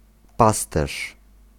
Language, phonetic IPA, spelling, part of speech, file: Polish, [ˈpastɛʃ], pasterz, noun, Pl-pasterz.ogg